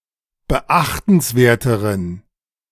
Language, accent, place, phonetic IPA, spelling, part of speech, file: German, Germany, Berlin, [bəˈʔaxtn̩sˌveːɐ̯təʁən], beachtenswerteren, adjective, De-beachtenswerteren.ogg
- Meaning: inflection of beachtenswert: 1. strong genitive masculine/neuter singular comparative degree 2. weak/mixed genitive/dative all-gender singular comparative degree